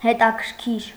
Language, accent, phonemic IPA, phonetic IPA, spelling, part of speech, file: Armenian, Eastern Armenian, /hetɑkʰəɾˈkʰiɾ/, [hetɑkʰəɾkʰíɾ], հետաքրքիր, adjective, Hy-հետաքրքիր.ogg
- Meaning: 1. inquisitive, curious 2. interesting